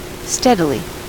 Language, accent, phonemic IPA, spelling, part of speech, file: English, US, /ˈstɛdɪli/, steadily, adverb, En-us-steadily.ogg
- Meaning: In a steady manner; with a steady progression